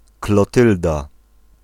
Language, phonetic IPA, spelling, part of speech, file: Polish, [klɔˈtɨlda], Klotylda, proper noun, Pl-Klotylda.ogg